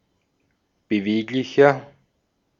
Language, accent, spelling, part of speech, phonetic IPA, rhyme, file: German, Austria, beweglicher, adjective, [bəˈveːklɪçɐ], -eːklɪçɐ, De-at-beweglicher.ogg
- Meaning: 1. comparative degree of beweglich 2. inflection of beweglich: strong/mixed nominative masculine singular 3. inflection of beweglich: strong genitive/dative feminine singular